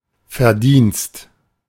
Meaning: 1. merit (something worthy of a high rating) 2. wages, earnings, income
- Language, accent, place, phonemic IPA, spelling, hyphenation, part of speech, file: German, Germany, Berlin, /fɛʁˈdiːnst/, Verdienst, Ver‧dienst, noun, De-Verdienst.ogg